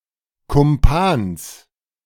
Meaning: genitive singular of Kumpan
- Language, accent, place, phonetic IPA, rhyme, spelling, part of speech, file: German, Germany, Berlin, [kʊmˈpaːns], -aːns, Kumpans, noun, De-Kumpans.ogg